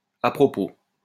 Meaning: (adverb) 1. opportunely, at the right time, just in time 2. by the way 3. in connection, concerning, with regard, in reference; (adjective) opportune, advisable, fitting, appropriate, apropos
- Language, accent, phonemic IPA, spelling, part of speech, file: French, France, /a pʁɔ.po/, à propos, adverb / adjective, LL-Q150 (fra)-à propos.wav